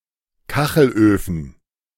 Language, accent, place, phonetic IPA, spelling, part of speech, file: German, Germany, Berlin, [ˈkaxl̩ʔøːfn̩], Kachelöfen, noun, De-Kachelöfen.ogg
- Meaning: plural of Kachelofen